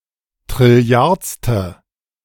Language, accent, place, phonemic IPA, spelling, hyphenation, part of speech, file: German, Germany, Berlin, /tʁɪˈli̯aɐ̯t͡stə/, trilliardste, tril‧li‧ards‧te, adjective, De-trilliardste.ogg
- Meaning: sextillionth